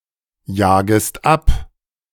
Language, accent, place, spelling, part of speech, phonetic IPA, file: German, Germany, Berlin, jagest ab, verb, [ˌjaːɡəst ˈap], De-jagest ab.ogg
- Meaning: second-person singular subjunctive I of abjagen